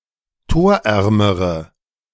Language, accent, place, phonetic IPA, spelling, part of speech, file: German, Germany, Berlin, [ˈtoːɐ̯ˌʔɛʁməʁə], torärmere, adjective, De-torärmere.ogg
- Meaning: inflection of torarm: 1. strong/mixed nominative/accusative feminine singular comparative degree 2. strong nominative/accusative plural comparative degree